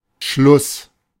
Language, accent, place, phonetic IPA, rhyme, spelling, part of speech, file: German, Germany, Berlin, [ʃlʊs], -ʊs, Schluss, noun, De-Schluss.ogg
- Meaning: 1. end, ending, conclusion, finish 2. logical conclusion